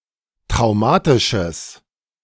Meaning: strong/mixed nominative/accusative neuter singular of traumatisch
- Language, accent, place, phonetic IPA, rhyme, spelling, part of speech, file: German, Germany, Berlin, [tʁaʊ̯ˈmaːtɪʃəs], -aːtɪʃəs, traumatisches, adjective, De-traumatisches.ogg